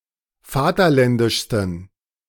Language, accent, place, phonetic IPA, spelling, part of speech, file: German, Germany, Berlin, [ˈfaːtɐˌlɛndɪʃstn̩], vaterländischsten, adjective, De-vaterländischsten.ogg
- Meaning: 1. superlative degree of vaterländisch 2. inflection of vaterländisch: strong genitive masculine/neuter singular superlative degree